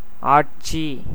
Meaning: 1. rule, reign, administration, governance, government 2. lordship, proprietorship, ownership 3. dominion, power, sovereignty 4. use usage, esp. classical usage 5. ruling house of a planet
- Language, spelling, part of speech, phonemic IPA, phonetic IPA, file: Tamil, ஆட்சி, noun, /ɑːʈtʃiː/, [äːʈsiː], Ta-ஆட்சி.ogg